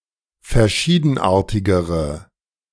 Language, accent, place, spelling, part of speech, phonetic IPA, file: German, Germany, Berlin, verschiedenartigere, adjective, [fɛɐ̯ˈʃiːdn̩ˌʔaːɐ̯tɪɡəʁə], De-verschiedenartigere.ogg
- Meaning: inflection of verschiedenartig: 1. strong/mixed nominative/accusative feminine singular comparative degree 2. strong nominative/accusative plural comparative degree